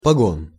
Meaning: 1. shoulder strap, shoulder board, shoulder mark (epaulette) (military insignia) 2. turret ring (погон башни)
- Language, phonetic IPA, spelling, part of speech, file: Russian, [pɐˈɡon], погон, noun, Ru-погон.ogg